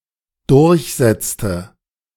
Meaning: inflection of durchsetzen: 1. first/third-person singular dependent preterite 2. first/third-person singular dependent subjunctive II
- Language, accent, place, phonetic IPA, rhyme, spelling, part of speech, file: German, Germany, Berlin, [ˈdʊʁçˌzɛt͡stə], -ɛt͡stə, durchsetzte, verb, De-durchsetzte.ogg